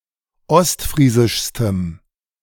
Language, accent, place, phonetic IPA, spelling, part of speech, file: German, Germany, Berlin, [ˈɔstˌfʁiːzɪʃstəm], ostfriesischstem, adjective, De-ostfriesischstem.ogg
- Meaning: strong dative masculine/neuter singular superlative degree of ostfriesisch